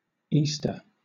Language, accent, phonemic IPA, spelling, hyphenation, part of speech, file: English, Southern England, /ˈiːstə/, Easter, Eas‧ter, noun / proper noun / verb, LL-Q1860 (eng)-Easter.wav